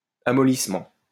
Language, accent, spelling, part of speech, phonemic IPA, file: French, France, amollissement, noun, /a.mɔ.lis.mɑ̃/, LL-Q150 (fra)-amollissement.wav
- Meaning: softening